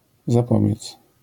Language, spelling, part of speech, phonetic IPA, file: Polish, zapobiec, verb, [zaˈpɔbʲjɛt͡s], LL-Q809 (pol)-zapobiec.wav